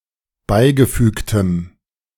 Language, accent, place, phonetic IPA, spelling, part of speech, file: German, Germany, Berlin, [ˈbaɪ̯ɡəˌfyːktəm], beigefügtem, adjective, De-beigefügtem.ogg
- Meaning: strong dative masculine/neuter singular of beigefügt